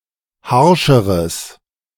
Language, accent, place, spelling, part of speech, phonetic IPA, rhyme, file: German, Germany, Berlin, harscheres, adjective, [ˈhaʁʃəʁəs], -aʁʃəʁəs, De-harscheres.ogg
- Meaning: strong/mixed nominative/accusative neuter singular comparative degree of harsch